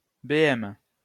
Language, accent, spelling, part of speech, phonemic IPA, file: French, France, BM, noun, /be.ɛm/, LL-Q150 (fra)-BM.wav
- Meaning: short for BMW (automobile)